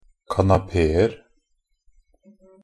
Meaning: 1. indefinite plural of kanapé 2. indefinite plural of kanape
- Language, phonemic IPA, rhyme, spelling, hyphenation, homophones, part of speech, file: Norwegian Bokmål, /kanaˈpeːər/, -ər, kanapeer, ka‧na‧pe‧er, kanapéer, noun, Nb-kanapeer.ogg